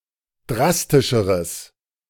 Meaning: strong/mixed nominative/accusative neuter singular comparative degree of drastisch
- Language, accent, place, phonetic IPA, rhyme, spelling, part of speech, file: German, Germany, Berlin, [ˈdʁastɪʃəʁəs], -astɪʃəʁəs, drastischeres, adjective, De-drastischeres.ogg